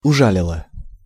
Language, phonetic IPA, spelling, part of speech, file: Russian, [ʊˈʐalʲɪɫə], ужалила, verb, Ru-ужалила.ogg
- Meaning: feminine singular past indicative perfective of ужа́лить (užálitʹ)